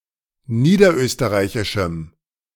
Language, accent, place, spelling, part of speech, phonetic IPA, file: German, Germany, Berlin, niederösterreichischem, adjective, [ˈniːdɐˌʔøːstəʁaɪ̯çɪʃm̩], De-niederösterreichischem.ogg
- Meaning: strong dative masculine/neuter singular of niederösterreichisch